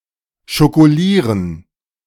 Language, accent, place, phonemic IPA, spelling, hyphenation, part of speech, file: German, Germany, Berlin, /ʃokoˈliːʁən/, schokolieren, scho‧ko‧lie‧ren, verb, De-schokolieren.ogg
- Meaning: to coat or cover with chocolate